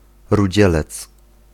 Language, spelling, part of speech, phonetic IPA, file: Polish, rudzielec, noun, [ruˈd͡ʑɛlɛt͡s], Pl-rudzielec.ogg